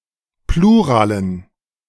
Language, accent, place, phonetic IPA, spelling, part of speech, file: German, Germany, Berlin, [ˈpluːʁaːlən], Pluralen, noun, De-Pluralen.ogg
- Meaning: dative plural of Plural